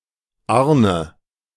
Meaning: a male given name from the Scandinavian languages, equivalent to German Arno
- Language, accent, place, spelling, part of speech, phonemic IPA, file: German, Germany, Berlin, Arne, proper noun, /ˈaʁnə/, De-Arne.ogg